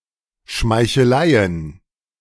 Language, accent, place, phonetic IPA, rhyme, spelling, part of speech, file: German, Germany, Berlin, [ʃmaɪ̯çəˈlaɪ̯ən], -aɪ̯ən, Schmeicheleien, noun, De-Schmeicheleien.ogg
- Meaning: plural of Schmeichelei